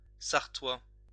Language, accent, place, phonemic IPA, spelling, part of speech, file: French, France, Lyon, /saʁ.twa/, sarthois, adjective, LL-Q150 (fra)-sarthois.wav
- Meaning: from Sarthe